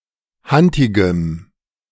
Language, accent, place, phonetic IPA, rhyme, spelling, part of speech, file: German, Germany, Berlin, [ˈhantɪɡəm], -antɪɡəm, hantigem, adjective, De-hantigem.ogg
- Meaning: strong dative masculine/neuter singular of hantig